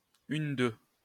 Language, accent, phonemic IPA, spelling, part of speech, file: French, France, /yn.dø/, une-deux, noun, LL-Q150 (fra)-une-deux.wav
- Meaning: one-two